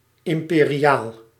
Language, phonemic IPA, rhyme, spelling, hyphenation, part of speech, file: Dutch, /ˌɪm.peː.riˈaːl/, -aːl, imperiaal, im‧pe‧ri‧aal, adjective / noun, Nl-imperiaal.ogg
- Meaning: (adjective) imperial; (noun) roof rack